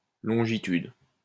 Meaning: longitude
- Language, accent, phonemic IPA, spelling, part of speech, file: French, France, /lɔ̃.ʒi.tyd/, longitude, noun, LL-Q150 (fra)-longitude.wav